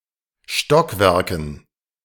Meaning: dative plural of Stockwerk
- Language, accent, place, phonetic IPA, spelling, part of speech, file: German, Germany, Berlin, [ˈʃtɔkˌvɛʁkn̩], Stockwerken, noun, De-Stockwerken.ogg